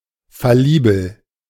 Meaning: fallible
- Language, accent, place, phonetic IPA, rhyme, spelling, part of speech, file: German, Germany, Berlin, [faˈliːbl̩], -iːbl̩, fallibel, adjective, De-fallibel.ogg